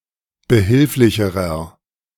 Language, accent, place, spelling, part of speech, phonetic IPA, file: German, Germany, Berlin, behilflicherer, adjective, [bəˈhɪlflɪçəʁɐ], De-behilflicherer.ogg
- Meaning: inflection of behilflich: 1. strong/mixed nominative masculine singular comparative degree 2. strong genitive/dative feminine singular comparative degree 3. strong genitive plural comparative degree